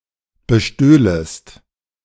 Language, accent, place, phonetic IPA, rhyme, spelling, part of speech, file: German, Germany, Berlin, [bəˈʃtøːləst], -øːləst, bestöhlest, verb, De-bestöhlest.ogg
- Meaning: second-person singular subjunctive II of bestehlen